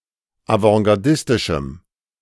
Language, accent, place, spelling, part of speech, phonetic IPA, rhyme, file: German, Germany, Berlin, avantgardistischem, adjective, [avɑ̃ɡaʁˈdɪstɪʃm̩], -ɪstɪʃm̩, De-avantgardistischem.ogg
- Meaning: strong dative masculine/neuter singular of avantgardistisch